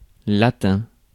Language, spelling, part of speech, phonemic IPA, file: French, latin, adjective / noun, /la.tɛ̃/, Fr-latin.ogg
- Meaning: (adjective) 1. Latin 2. Latino; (noun) 1. the Latin language 2. a male of South American or Mediterranean origins